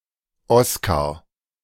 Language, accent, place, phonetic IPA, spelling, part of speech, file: German, Germany, Berlin, [ˈɔskaʁ], Oscar, noun, De-Oscar.ogg
- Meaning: a male given name, variant of Oskar